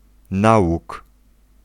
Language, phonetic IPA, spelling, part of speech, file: Polish, [ˈnawuk], nałóg, noun, Pl-nałóg.ogg